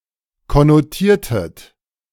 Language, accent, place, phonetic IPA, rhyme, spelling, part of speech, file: German, Germany, Berlin, [kɔnoˈtiːɐ̯tət], -iːɐ̯tət, konnotiertet, verb, De-konnotiertet.ogg
- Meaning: inflection of konnotieren: 1. second-person plural preterite 2. second-person plural subjunctive II